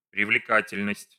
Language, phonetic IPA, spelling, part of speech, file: Russian, [prʲɪvlʲɪˈkatʲɪlʲnəsʲtʲ], привлекательность, noun, Ru-привлекательность.ogg
- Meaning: attractiveness, appeal